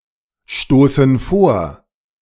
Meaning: inflection of vorstoßen: 1. first/third-person plural present 2. first/third-person plural subjunctive I
- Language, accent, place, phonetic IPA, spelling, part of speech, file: German, Germany, Berlin, [ˌʃtoːsn̩ ˈfoːɐ̯], stoßen vor, verb, De-stoßen vor.ogg